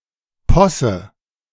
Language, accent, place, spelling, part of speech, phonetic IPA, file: German, Germany, Berlin, Posse, noun, [ˈpɔsə], De-Posse.ogg
- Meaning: farce, burlesque